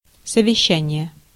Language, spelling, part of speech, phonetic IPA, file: Russian, совещание, noun, [səvʲɪˈɕːænʲɪje], Ru-совещание.ogg
- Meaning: 1. conference, meeting (gathering among business people to discuss their business) 2. discussion